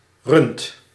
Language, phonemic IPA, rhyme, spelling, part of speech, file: Dutch, /rʏnt/, -ʏnt, rund, noun, Nl-rund.ogg
- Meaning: 1. any bovine animal 2. idiot, stupid person